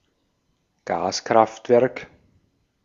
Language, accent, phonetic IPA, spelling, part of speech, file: German, Austria, [ˈɡaːskʁaftˌvɛʁk], Gaskraftwerk, noun, De-at-Gaskraftwerk.ogg
- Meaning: gas-fired power station